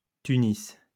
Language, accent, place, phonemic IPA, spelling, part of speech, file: French, France, Lyon, /ty.nis/, Tunis, proper noun, LL-Q150 (fra)-Tunis.wav
- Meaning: Tunis (the capital city, since 1159, and largest city of Tunisia)